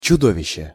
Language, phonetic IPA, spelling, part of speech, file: Russian, [t͡ɕʊˈdovʲɪɕːe], чудовище, noun, Ru-чудовище.ogg
- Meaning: monster